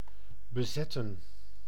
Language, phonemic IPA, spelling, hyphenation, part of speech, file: Dutch, /bəˈzɛtə(n)/, bezetten, be‧zet‧ten, verb, Nl-bezetten.ogg
- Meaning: 1. to occupy, to fill 2. to occupy (forcefully with military personnel), to conquer